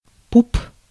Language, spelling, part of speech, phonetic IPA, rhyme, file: Russian, пуп, noun, [pup], -up, Ru-пуп.ogg
- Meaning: belly button, navel, umbilicus